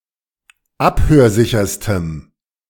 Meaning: strong dative masculine/neuter singular superlative degree of abhörsicher
- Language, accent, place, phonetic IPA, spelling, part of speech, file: German, Germany, Berlin, [ˈaphøːɐ̯ˌzɪçɐstəm], abhörsicherstem, adjective, De-abhörsicherstem.ogg